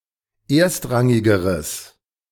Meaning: strong/mixed nominative/accusative neuter singular comparative degree of erstrangig
- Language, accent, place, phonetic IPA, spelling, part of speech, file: German, Germany, Berlin, [ˈeːɐ̯stˌʁaŋɪɡəʁəs], erstrangigeres, adjective, De-erstrangigeres.ogg